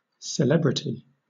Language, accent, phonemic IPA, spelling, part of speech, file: English, Southern England, /sɪˈlɛb.ɹɪ.ti/, celebrity, noun, LL-Q1860 (eng)-celebrity.wav
- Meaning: 1. A rite or ceremony 2. Fame, renown; the state of being famous or talked-about